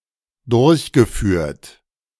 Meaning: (verb) past participle of durchführen; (adjective) implemented, realized, accomplished
- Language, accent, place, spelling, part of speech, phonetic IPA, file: German, Germany, Berlin, durchgeführt, verb, [ˈdʊʁçɡəˌfyːɐ̯t], De-durchgeführt.ogg